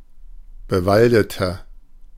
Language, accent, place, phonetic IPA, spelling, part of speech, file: German, Germany, Berlin, [bəˈvaldətɐ], bewaldeter, adjective, De-bewaldeter.ogg
- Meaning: inflection of bewaldet: 1. strong/mixed nominative masculine singular 2. strong genitive/dative feminine singular 3. strong genitive plural